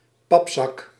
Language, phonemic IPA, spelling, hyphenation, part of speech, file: Dutch, /ˈpɑp.sɑk/, papzak, pap‧zak, noun, Nl-papzak.ogg
- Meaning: fatso (slur for an obese person)